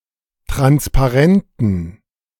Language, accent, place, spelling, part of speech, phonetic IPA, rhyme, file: German, Germany, Berlin, Transparenten, noun, [ˌtʁanspaˈʁɛntn̩], -ɛntn̩, De-Transparenten.ogg
- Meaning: dative plural of Transparent